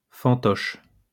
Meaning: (noun) puppet; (adjective) manipulated
- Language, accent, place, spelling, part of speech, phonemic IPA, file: French, France, Lyon, fantoche, noun / adjective, /fɑ̃.tɔʃ/, LL-Q150 (fra)-fantoche.wav